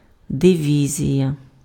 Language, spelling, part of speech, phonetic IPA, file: Ukrainian, дивізія, noun, [deˈʋʲizʲijɐ], Uk-дивізія.ogg
- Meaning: division